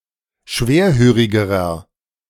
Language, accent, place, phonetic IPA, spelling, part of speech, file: German, Germany, Berlin, [ˈʃveːɐ̯ˌhøːʁɪɡəʁɐ], schwerhörigerer, adjective, De-schwerhörigerer.ogg
- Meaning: inflection of schwerhörig: 1. strong/mixed nominative masculine singular comparative degree 2. strong genitive/dative feminine singular comparative degree 3. strong genitive plural comparative degree